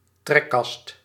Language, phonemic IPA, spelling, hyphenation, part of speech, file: Dutch, /ˈtrɛkɑst/, trekkast, trek‧kast, noun, Nl-trekkast.ogg
- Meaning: fume hood